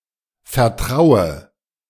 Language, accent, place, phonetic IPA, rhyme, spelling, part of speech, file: German, Germany, Berlin, [fɛɐ̯ˈtʁaʊ̯ə], -aʊ̯ə, vertraue, verb, De-vertraue.ogg
- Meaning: inflection of vertrauen: 1. first-person singular present 2. first/third-person singular subjunctive I 3. singular imperative